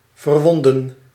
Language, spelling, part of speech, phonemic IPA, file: Dutch, verwonden, verb, /vərˈwɔndə(n)/, Nl-verwonden.ogg
- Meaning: to wound